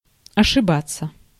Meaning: to make a mistake, to err
- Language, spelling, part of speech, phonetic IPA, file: Russian, ошибаться, verb, [ɐʂɨˈbat͡sːə], Ru-ошибаться.ogg